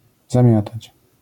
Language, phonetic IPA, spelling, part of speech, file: Polish, [zãˈmʲjatat͡ɕ], zamiatać, verb, LL-Q809 (pol)-zamiatać.wav